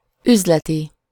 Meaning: business (related to business)
- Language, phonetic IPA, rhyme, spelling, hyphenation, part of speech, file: Hungarian, [ˈyzlɛti], -ti, üzleti, üz‧le‧ti, adjective, Hu-üzleti.ogg